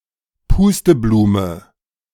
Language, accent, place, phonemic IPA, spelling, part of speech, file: German, Germany, Berlin, /ˈpuːstəˌbluːmə/, Pusteblume, noun, De-Pusteblume2.ogg
- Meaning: 1. a blowball, dandelion clock (seedhead of dandelion) 2. dandelion (plant)